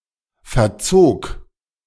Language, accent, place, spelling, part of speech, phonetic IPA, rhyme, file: German, Germany, Berlin, verzog, verb, [fɛɐ̯ˈt͡soːk], -oːk, De-verzog.ogg
- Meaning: first/third-person singular preterite of verziehen